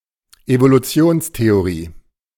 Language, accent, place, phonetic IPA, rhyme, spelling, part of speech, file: German, Germany, Berlin, [evoluˈt͡si̯oːnsteoˌʁiː], -oːnsteoʁiː, Evolutionstheorie, noun, De-Evolutionstheorie.ogg
- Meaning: theory of evolution (after Charles Darwin)